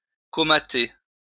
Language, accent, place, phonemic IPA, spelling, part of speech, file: French, France, Lyon, /kɔ.ma.te/, comater, verb, LL-Q150 (fra)-comater.wav
- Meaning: to veg out, to veg, to doze (in particular when drunk)